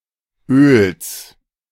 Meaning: genitive singular of Öl
- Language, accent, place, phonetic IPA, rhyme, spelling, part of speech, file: German, Germany, Berlin, [øːls], -øːls, Öls, noun, De-Öls.ogg